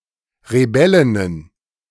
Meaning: plural of Rebellin
- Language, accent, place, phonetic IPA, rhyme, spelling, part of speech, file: German, Germany, Berlin, [ʁeˈbɛlɪnən], -ɛlɪnən, Rebellinnen, noun, De-Rebellinnen.ogg